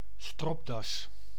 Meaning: necktie
- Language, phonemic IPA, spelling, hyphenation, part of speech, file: Dutch, /ˈstrɔp.dɑs/, stropdas, strop‧das, noun, Nl-stropdas.ogg